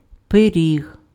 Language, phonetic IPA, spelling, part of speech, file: Ukrainian, [peˈrʲiɦ], пиріг, noun, Uk-пиріг.ogg
- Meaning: 1. pie, pastry 2. pierogi, dumpling, pelmeni